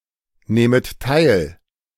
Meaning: second-person plural subjunctive II of teilnehmen
- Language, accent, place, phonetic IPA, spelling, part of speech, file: German, Germany, Berlin, [ˌnɛːmət ˈtaɪ̯l], nähmet teil, verb, De-nähmet teil.ogg